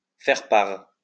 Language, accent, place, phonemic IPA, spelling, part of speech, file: French, France, Lyon, /fɛʁ paʁ/, faire part, verb, LL-Q150 (fra)-faire part.wav
- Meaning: to inform, to tell